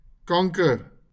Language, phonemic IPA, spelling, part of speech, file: Afrikaans, /ˈkaŋ.kər/, kanker, noun, LL-Q14196 (afr)-kanker.wav
- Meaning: cancer